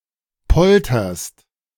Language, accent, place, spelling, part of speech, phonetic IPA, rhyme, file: German, Germany, Berlin, polterst, verb, [ˈpɔltɐst], -ɔltɐst, De-polterst.ogg
- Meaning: second-person singular present of poltern